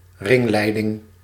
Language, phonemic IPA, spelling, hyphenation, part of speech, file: Dutch, /ˈrɪŋˌlɛi̯.dɪŋ/, ringleiding, ring‧lei‧ding, noun, Nl-ringleiding.ogg
- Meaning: hearing loop, audio induction loop